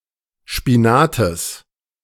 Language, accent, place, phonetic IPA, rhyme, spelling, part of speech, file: German, Germany, Berlin, [ˌʃpiˈnaːtəs], -aːtəs, Spinates, noun, De-Spinates.ogg
- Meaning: genitive of Spinat